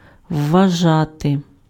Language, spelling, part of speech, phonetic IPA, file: Ukrainian, вважати, verb, [ʋːɐˈʒate], Uk-вважати.ogg
- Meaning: to consider, to deem, to regard, to think